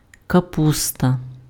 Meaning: cabbage
- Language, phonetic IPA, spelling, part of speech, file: Ukrainian, [kɐˈpustɐ], капуста, noun, Uk-капуста.ogg